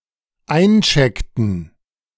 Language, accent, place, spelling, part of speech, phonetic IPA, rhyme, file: German, Germany, Berlin, eincheckten, verb, [ˈaɪ̯nˌt͡ʃɛktn̩], -aɪ̯nt͡ʃɛktn̩, De-eincheckten.ogg
- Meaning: inflection of einchecken: 1. first/third-person plural dependent preterite 2. first/third-person plural dependent subjunctive II